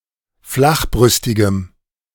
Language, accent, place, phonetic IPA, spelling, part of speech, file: German, Germany, Berlin, [ˈflaxˌbʁʏstɪɡəm], flachbrüstigem, adjective, De-flachbrüstigem.ogg
- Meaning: strong dative masculine/neuter singular of flachbrüstig